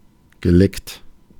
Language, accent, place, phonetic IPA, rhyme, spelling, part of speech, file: German, Germany, Berlin, [ɡəˈlɛkt], -ɛkt, geleckt, adjective / verb, De-geleckt.ogg
- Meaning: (verb) past participle of lecken; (adjective) 1. spruced up 2. licked